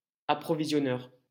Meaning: supplier, purveyor
- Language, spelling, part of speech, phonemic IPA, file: French, approvisionneur, noun, /a.pʁɔ.vi.zjɔ.nœʁ/, LL-Q150 (fra)-approvisionneur.wav